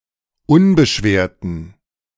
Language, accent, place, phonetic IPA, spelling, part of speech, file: German, Germany, Berlin, [ˈʊnbəˌʃveːɐ̯tn̩], unbeschwerten, adjective, De-unbeschwerten.ogg
- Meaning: inflection of unbeschwert: 1. strong genitive masculine/neuter singular 2. weak/mixed genitive/dative all-gender singular 3. strong/weak/mixed accusative masculine singular 4. strong dative plural